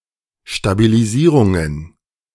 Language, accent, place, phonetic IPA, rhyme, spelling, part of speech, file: German, Germany, Berlin, [ʃtabiliˈziːʁʊŋən], -iːʁʊŋən, Stabilisierungen, noun, De-Stabilisierungen.ogg
- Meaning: plural of Stabilisierung